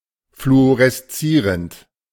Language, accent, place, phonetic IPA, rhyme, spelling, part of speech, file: German, Germany, Berlin, [fluoʁɛsˈt͡siːʁənt], -iːʁənt, fluoreszierend, verb, De-fluoreszierend.ogg
- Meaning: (verb) present participle of fluoreszieren; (adjective) fluorescent